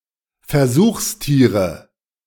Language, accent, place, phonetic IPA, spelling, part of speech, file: German, Germany, Berlin, [fɛɐ̯ˈzuːxsˌtiːʁə], Versuchstiere, noun, De-Versuchstiere.ogg
- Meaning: nominative/accusative/genitive plural of Versuchstier